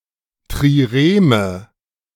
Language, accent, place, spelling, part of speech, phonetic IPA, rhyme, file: German, Germany, Berlin, Trireme, noun, [tʁiˈʁeːmə], -eːmə, De-Trireme.ogg
- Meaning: trireme, an ancient galley having three banks of oars